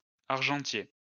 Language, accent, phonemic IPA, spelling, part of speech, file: French, France, /aʁ.ʒɑ̃.tje/, argentier, noun, LL-Q150 (fra)-argentier.wav
- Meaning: silversmith